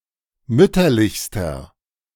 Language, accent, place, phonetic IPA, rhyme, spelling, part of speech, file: German, Germany, Berlin, [ˈmʏtɐlɪçstɐ], -ʏtɐlɪçstɐ, mütterlichster, adjective, De-mütterlichster.ogg
- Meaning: inflection of mütterlich: 1. strong/mixed nominative masculine singular superlative degree 2. strong genitive/dative feminine singular superlative degree 3. strong genitive plural superlative degree